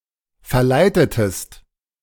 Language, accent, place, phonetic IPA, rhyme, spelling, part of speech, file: German, Germany, Berlin, [fɛɐ̯ˈlaɪ̯tətəst], -aɪ̯tətəst, verleitetest, verb, De-verleitetest.ogg
- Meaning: inflection of verleiten: 1. second-person singular preterite 2. second-person singular subjunctive II